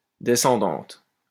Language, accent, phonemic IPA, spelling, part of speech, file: French, France, /de.sɑ̃.dɑ̃t/, descendante, adjective, LL-Q150 (fra)-descendante.wav
- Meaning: feminine singular of descendant